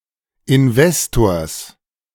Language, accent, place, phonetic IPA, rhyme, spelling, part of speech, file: German, Germany, Berlin, [ɪnˈvɛstoːɐ̯s], -ɛstoːɐ̯s, Investors, noun, De-Investors.ogg
- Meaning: genitive singular of Investor